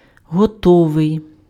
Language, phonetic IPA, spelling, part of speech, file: Ukrainian, [ɦɔˈtɔʋei̯], готовий, adjective, Uk-готовий.ogg
- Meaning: 1. ready 2. willing